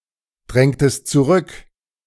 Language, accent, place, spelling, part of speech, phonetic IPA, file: German, Germany, Berlin, drängtest zurück, verb, [ˌdʁɛŋtəst t͡suˈʁʏk], De-drängtest zurück.ogg
- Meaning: inflection of zurückdrängen: 1. second-person singular preterite 2. second-person singular subjunctive II